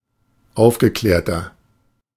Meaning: inflection of aufgeklärt: 1. strong/mixed nominative masculine singular 2. strong genitive/dative feminine singular 3. strong genitive plural
- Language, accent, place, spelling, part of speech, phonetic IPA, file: German, Germany, Berlin, aufgeklärter, adjective, [ˈaʊ̯fɡəˌklɛːɐ̯tɐ], De-aufgeklärter.ogg